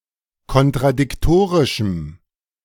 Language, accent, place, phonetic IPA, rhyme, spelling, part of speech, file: German, Germany, Berlin, [kɔntʁadɪkˈtoːʁɪʃm̩], -oːʁɪʃm̩, kontradiktorischem, adjective, De-kontradiktorischem.ogg
- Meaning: strong dative masculine/neuter singular of kontradiktorisch